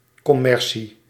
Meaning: 1. commerce 2. commercialism
- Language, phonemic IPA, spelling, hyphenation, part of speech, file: Dutch, /ˌkɔˈmɛr.si/, commercie, com‧mer‧cie, noun, Nl-commercie.ogg